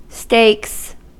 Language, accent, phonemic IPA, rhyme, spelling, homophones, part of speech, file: English, US, /steɪks/, -eɪks, stakes, steaks, noun / verb, En-us-stakes.ogg
- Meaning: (noun) 1. plural of stake 2. The money wagered in gambling 3. Risks; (verb) third-person singular simple present indicative of stake